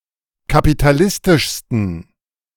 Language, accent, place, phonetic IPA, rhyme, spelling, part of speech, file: German, Germany, Berlin, [kapitaˈlɪstɪʃstn̩], -ɪstɪʃstn̩, kapitalistischsten, adjective, De-kapitalistischsten.ogg
- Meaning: 1. superlative degree of kapitalistisch 2. inflection of kapitalistisch: strong genitive masculine/neuter singular superlative degree